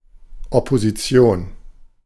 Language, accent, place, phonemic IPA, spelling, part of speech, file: German, Germany, Berlin, /ˌɔpoziˈtsjoːn/, Opposition, noun, De-Opposition.ogg
- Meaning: 1. the opposition, political opposition; opposition party 2. a group opposed (to something or someone) 3. opposition (the position of a planet in relation to the sun in positional astronomy)